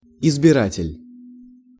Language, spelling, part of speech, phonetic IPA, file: Russian, избиратель, noun, [ɪzbʲɪˈratʲɪlʲ], Ru-избиратель.ogg
- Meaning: voter, elector